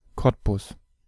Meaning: Cottbus (an independent city in Brandenburg, Germany)
- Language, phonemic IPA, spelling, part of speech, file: German, /ˈkɔtbʊs/, Cottbus, proper noun, De-Cottbus.ogg